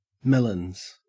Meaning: 1. plural of melon 2. A woman's breasts
- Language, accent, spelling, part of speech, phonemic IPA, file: English, Australia, melons, noun, /ˈmɛlənz/, En-au-melons.ogg